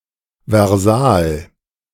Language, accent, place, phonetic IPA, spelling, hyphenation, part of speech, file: German, Germany, Berlin, [vɛʁˈzaːl], Versal, Ver‧sal, noun, De-Versal.ogg
- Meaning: capital letter